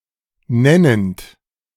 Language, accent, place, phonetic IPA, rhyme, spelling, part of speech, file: German, Germany, Berlin, [ˈnɛnənt], -ɛnənt, nennend, verb, De-nennend.ogg
- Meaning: present participle of nennen